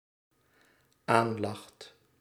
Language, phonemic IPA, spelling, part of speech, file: Dutch, /ˈanlɑxt/, aanlacht, verb, Nl-aanlacht.ogg
- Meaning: second/third-person singular dependent-clause present indicative of aanlachen